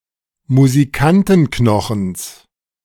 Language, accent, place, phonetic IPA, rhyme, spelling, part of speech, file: German, Germany, Berlin, [muziˈkantn̩ˌknɔxn̩s], -antn̩knɔxn̩s, Musikantenknochens, noun, De-Musikantenknochens.ogg
- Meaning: genitive singular of Musikantenknochen